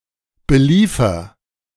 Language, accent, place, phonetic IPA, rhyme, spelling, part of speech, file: German, Germany, Berlin, [bəˈliːfɐ], -iːfɐ, beliefer, verb, De-beliefer.ogg
- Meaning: inflection of beliefern: 1. first-person singular present 2. singular imperative